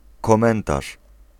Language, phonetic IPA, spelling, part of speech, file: Polish, [kɔ̃ˈmɛ̃ntaʃ], komentarz, noun, Pl-komentarz.ogg